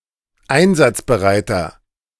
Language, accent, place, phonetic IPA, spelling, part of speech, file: German, Germany, Berlin, [ˈaɪ̯nzat͡sbəˌʁaɪ̯tɐ], einsatzbereiter, adjective, De-einsatzbereiter.ogg
- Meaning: inflection of einsatzbereit: 1. strong/mixed nominative masculine singular 2. strong genitive/dative feminine singular 3. strong genitive plural